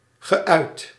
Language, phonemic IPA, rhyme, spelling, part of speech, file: Dutch, /ɣəˈœy̯t/, -œy̯t, geuit, verb, Nl-geuit.ogg
- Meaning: past participle of uiten